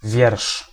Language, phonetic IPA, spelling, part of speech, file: Polish, [vʲjɛrʃ], wiersz, noun, Pl-wiersz.ogg